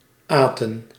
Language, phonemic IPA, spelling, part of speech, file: Dutch, /ˈaːtə(n)/, aten, verb, Nl-aten.ogg
- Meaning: inflection of eten: 1. plural past indicative 2. plural past subjunctive